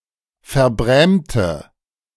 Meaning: inflection of verbrämen: 1. first/third-person singular preterite 2. first/third-person singular subjunctive II
- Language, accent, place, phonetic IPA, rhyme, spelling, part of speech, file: German, Germany, Berlin, [fɛɐ̯ˈbʁɛːmtə], -ɛːmtə, verbrämte, adjective / verb, De-verbrämte.ogg